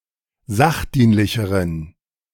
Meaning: inflection of sachdienlich: 1. strong genitive masculine/neuter singular comparative degree 2. weak/mixed genitive/dative all-gender singular comparative degree
- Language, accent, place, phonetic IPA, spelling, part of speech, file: German, Germany, Berlin, [ˈzaxˌdiːnlɪçəʁən], sachdienlicheren, adjective, De-sachdienlicheren.ogg